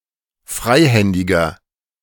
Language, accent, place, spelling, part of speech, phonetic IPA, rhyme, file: German, Germany, Berlin, freihändiger, adjective, [ˈfʁaɪ̯ˌhɛndɪɡɐ], -aɪ̯hɛndɪɡɐ, De-freihändiger.ogg
- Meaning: inflection of freihändig: 1. strong/mixed nominative masculine singular 2. strong genitive/dative feminine singular 3. strong genitive plural